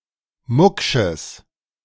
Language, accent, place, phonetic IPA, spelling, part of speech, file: German, Germany, Berlin, [ˈmʊkʃəs], mucksches, adjective, De-mucksches.ogg
- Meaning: strong/mixed nominative/accusative neuter singular of mucksch